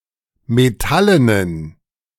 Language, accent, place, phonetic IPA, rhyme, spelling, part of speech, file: German, Germany, Berlin, [meˈtalənən], -alənən, metallenen, adjective, De-metallenen.ogg
- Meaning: inflection of metallen: 1. strong genitive masculine/neuter singular 2. weak/mixed genitive/dative all-gender singular 3. strong/weak/mixed accusative masculine singular 4. strong dative plural